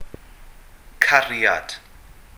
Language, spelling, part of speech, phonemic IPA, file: Welsh, cariad, noun, /ˈkarjad/, Cy-cariad.ogg
- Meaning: 1. love, charity, affection 2. beloved (one); lover, sweetheart, darling, boyfriend 3. beloved (one); lover, sweetheart, darling, girlfriend